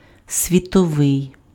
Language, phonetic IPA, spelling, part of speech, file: Ukrainian, [sʲʋʲitɔˈʋɪi̯], світовий, adjective, Uk-світовий.ogg
- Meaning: world (attributive), global, worldwide